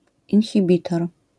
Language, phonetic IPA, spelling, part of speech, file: Polish, [ˌĩnxʲiˈbʲitɔr], inhibitor, noun, LL-Q809 (pol)-inhibitor.wav